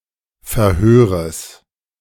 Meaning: genitive singular of Verhör
- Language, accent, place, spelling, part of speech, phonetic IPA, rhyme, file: German, Germany, Berlin, Verhöres, noun, [fɛɐ̯ˈhøːʁəs], -øːʁəs, De-Verhöres.ogg